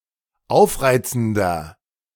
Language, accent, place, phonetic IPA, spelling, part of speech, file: German, Germany, Berlin, [ˈaʊ̯fˌʁaɪ̯t͡sn̩dɐ], aufreizender, adjective, De-aufreizender.ogg
- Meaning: 1. comparative degree of aufreizend 2. inflection of aufreizend: strong/mixed nominative masculine singular 3. inflection of aufreizend: strong genitive/dative feminine singular